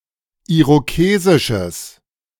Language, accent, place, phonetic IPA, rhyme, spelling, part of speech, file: German, Germany, Berlin, [ˌiʁoˈkeːzɪʃəs], -eːzɪʃəs, irokesisches, adjective, De-irokesisches.ogg
- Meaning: strong/mixed nominative/accusative neuter singular of irokesisch